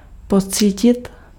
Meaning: 1. to experience (to observe or undergo) 2. to be sensible of, to perceive
- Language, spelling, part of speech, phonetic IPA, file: Czech, pocítit, verb, [ˈpot͡siːcɪt], Cs-pocítit.ogg